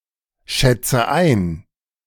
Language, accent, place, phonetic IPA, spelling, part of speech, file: German, Germany, Berlin, [ˌʃɛt͡sə ˈaɪ̯n], schätze ein, verb, De-schätze ein.ogg
- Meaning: inflection of einschätzen: 1. first-person singular present 2. first/third-person singular subjunctive I 3. singular imperative